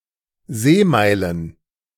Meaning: plural of Seemeile
- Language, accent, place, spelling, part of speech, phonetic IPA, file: German, Germany, Berlin, Seemeilen, noun, [ˈzeːˌmaɪ̯lən], De-Seemeilen.ogg